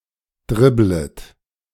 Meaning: second-person plural subjunctive I of dribbeln
- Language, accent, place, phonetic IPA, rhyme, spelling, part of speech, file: German, Germany, Berlin, [ˈdʁɪblət], -ɪblət, dribblet, verb, De-dribblet.ogg